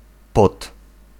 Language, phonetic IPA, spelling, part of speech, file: Polish, [pɔt], pot, noun, Pl-pot.ogg